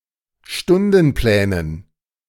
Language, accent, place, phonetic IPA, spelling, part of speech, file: German, Germany, Berlin, [ˈʃtʊndn̩ˌplɛːnən], Stundenplänen, noun, De-Stundenplänen.ogg
- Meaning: dative plural of Stundenplan